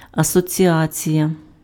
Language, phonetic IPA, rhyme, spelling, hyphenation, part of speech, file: Ukrainian, [ɐsɔt͡sʲiˈat͡sʲijɐ], -at͡sʲijɐ, асоціація, асо‧ці‧а‧ція, noun, Uk-асоціація.ogg
- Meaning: 1. association 2. union